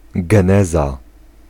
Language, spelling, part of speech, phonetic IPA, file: Polish, geneza, noun, [ɡɛ̃ˈnɛza], Pl-geneza.ogg